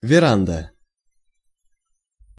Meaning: verandah
- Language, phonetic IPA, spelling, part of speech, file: Russian, [vʲɪˈrandə], веранда, noun, Ru-веранда.ogg